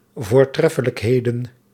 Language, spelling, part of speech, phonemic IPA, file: Dutch, voortreffelijkheden, noun, /vorˈtrɛfələkˌhedə(n)/, Nl-voortreffelijkheden.ogg
- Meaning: plural of voortreffelijkheid